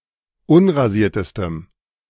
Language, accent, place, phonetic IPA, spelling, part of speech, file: German, Germany, Berlin, [ˈʊnʁaˌziːɐ̯təstəm], unrasiertestem, adjective, De-unrasiertestem.ogg
- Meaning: strong dative masculine/neuter singular superlative degree of unrasiert